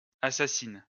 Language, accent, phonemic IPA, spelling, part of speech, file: French, France, /a.sa.sin/, assassines, adjective / verb, LL-Q150 (fra)-assassines.wav
- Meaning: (adjective) feminine plural of assassin; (verb) second-person singular present indicative/subjunctive of assassiner